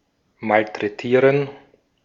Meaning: 1. to mistreat something (use or treat with little care) 2. to abuse; to maltreat someone
- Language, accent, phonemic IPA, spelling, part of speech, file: German, Austria, /ˌmaltʁɛˈtiːʁən/, malträtieren, verb, De-at-malträtieren.ogg